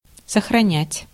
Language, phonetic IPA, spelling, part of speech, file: Russian, [səxrɐˈnʲætʲ], сохранять, verb, Ru-сохранять.ogg
- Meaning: 1. to save (to write a file to a disk) 2. to preserve, to conserve